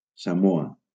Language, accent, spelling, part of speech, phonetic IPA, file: Catalan, Valencia, Samoa, proper noun, [saˈmo.a], LL-Q7026 (cat)-Samoa.wav
- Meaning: Samoa (a country consisting of the western part of the Samoan archipelago in Polynesia, in Oceania)